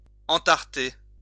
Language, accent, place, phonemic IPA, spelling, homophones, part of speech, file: French, France, Lyon, /ɑ̃.taʁ.te/, entarter, entarté / entartées / entartés / entartez, verb, LL-Q150 (fra)-entarter.wav
- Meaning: to throw a cream pie at someone's face, to pie